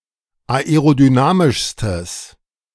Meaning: strong/mixed nominative/accusative neuter singular superlative degree of aerodynamisch
- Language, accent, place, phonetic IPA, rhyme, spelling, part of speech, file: German, Germany, Berlin, [aeʁodyˈnaːmɪʃstəs], -aːmɪʃstəs, aerodynamischstes, adjective, De-aerodynamischstes.ogg